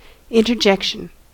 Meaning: 1. An exclamation or filled pause; a word or phrase with no particular grammatical relation to a sentence, often an expression of emotion 2. An interruption; something interjected
- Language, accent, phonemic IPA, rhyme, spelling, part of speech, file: English, US, /ˌɪn.tɚˈd͡ʒɛk.ʃən/, -ɛkʃən, interjection, noun, En-us-interjection.ogg